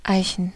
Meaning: plural of Eiche
- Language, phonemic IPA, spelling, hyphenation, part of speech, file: German, /ˈaɪ̯.ç(ə)n/, Eichen, Ei‧chen, noun, De-Eichen.ogg